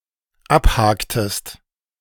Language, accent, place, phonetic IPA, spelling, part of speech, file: German, Germany, Berlin, [ˈapˌhaːktəst], abhaktest, verb, De-abhaktest.ogg
- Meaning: inflection of abhaken: 1. second-person singular dependent preterite 2. second-person singular dependent subjunctive II